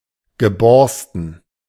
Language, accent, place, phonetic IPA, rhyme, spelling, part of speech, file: German, Germany, Berlin, [ɡəˈbɔʁstn̩], -ɔʁstn̩, geborsten, adjective / verb, De-geborsten.ogg
- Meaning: past participle of bersten